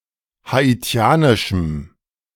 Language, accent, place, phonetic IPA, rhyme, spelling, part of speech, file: German, Germany, Berlin, [haˌiˈt͡si̯aːnɪʃm̩], -aːnɪʃm̩, haitianischem, adjective, De-haitianischem.ogg
- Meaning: strong dative masculine/neuter singular of haitianisch